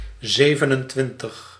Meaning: twenty-seven
- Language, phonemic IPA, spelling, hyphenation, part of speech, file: Dutch, /ˈzeː.və.nənˌtʋɪn.təx/, zevenentwintig, ze‧ven‧en‧twin‧tig, numeral, Nl-zevenentwintig.ogg